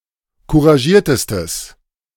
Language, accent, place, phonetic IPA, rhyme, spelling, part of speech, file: German, Germany, Berlin, [kuʁaˈʒiːɐ̯təstəs], -iːɐ̯təstəs, couragiertestes, adjective, De-couragiertestes.ogg
- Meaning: strong/mixed nominative/accusative neuter singular superlative degree of couragiert